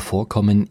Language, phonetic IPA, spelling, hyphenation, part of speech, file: German, [ˈfoːɐ̯ˌkɔmən], Vorkommen, Vor‧kom‧men, noun, De-Vorkommen.ogg
- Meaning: occurrence